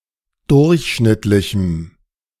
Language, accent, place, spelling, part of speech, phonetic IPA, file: German, Germany, Berlin, durchschnittlichem, adjective, [ˈdʊʁçˌʃnɪtlɪçm̩], De-durchschnittlichem.ogg
- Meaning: strong dative masculine/neuter singular of durchschnittlich